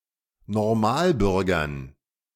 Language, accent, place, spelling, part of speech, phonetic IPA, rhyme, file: German, Germany, Berlin, Normalbürgern, noun, [nɔʁˈmaːlˌbʏʁɡɐn], -aːlbʏʁɡɐn, De-Normalbürgern.ogg
- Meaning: dative plural of Normalbürger